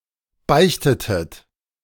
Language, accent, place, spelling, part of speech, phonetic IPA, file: German, Germany, Berlin, beichtetet, verb, [ˈbaɪ̯çtətət], De-beichtetet.ogg
- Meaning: inflection of beichten: 1. second-person plural preterite 2. second-person plural subjunctive II